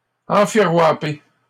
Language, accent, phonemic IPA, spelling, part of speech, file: French, Canada, /ɑ̃.fi.ʁwa.pe/, enfirouaper, verb, LL-Q150 (fra)-enfirouaper.wav
- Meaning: to scam, swindle, or trick someone